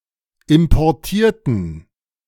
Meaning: inflection of importieren: 1. first/third-person plural preterite 2. first/third-person plural subjunctive II
- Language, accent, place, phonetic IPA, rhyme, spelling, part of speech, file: German, Germany, Berlin, [ɪmpɔʁˈtiːɐ̯tn̩], -iːɐ̯tn̩, importierten, adjective / verb, De-importierten.ogg